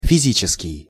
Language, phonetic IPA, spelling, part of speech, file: Russian, [fʲɪˈzʲit͡ɕɪskʲɪj], физический, adjective, Ru-физический.ogg
- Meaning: 1. physics 2. physical, bodily